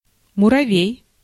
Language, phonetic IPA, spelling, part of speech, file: Russian, [mʊrɐˈvʲej], муравей, noun, Ru-муравей.ogg
- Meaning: ant